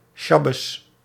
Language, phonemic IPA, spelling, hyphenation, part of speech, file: Dutch, /ˈʃɑ.bəs/, sjabbes, sjab‧bes, noun, Nl-sjabbes.ogg
- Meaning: Sabbath